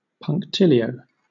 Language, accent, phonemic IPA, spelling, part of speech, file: English, Southern England, /pʌŋkˈtɪliˌoʊ/, punctilio, noun, LL-Q1860 (eng)-punctilio.wav
- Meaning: 1. A fine point in exactness of conduct, ceremony, etiquette or procedure 2. Strictness in observance of formalities